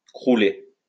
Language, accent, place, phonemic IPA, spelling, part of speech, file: French, France, Lyon, /kʁu.le/, crouler, verb, LL-Q150 (fra)-crouler.wav
- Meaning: to collapse